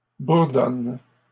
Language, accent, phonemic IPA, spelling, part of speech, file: French, Canada, /buʁ.dɔn/, bourdonnes, verb, LL-Q150 (fra)-bourdonnes.wav
- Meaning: second-person singular present indicative/subjunctive of bourdonner